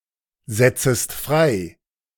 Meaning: second-person singular subjunctive I of freisetzen
- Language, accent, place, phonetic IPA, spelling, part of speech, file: German, Germany, Berlin, [ˌzɛt͡səst ˈfʁaɪ̯], setzest frei, verb, De-setzest frei.ogg